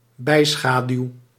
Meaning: penumbra
- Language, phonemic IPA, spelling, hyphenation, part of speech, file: Dutch, /ˈbɛi̯ˌsxaː.dyu̯/, bijschaduw, bij‧scha‧duw, noun, Nl-bijschaduw.ogg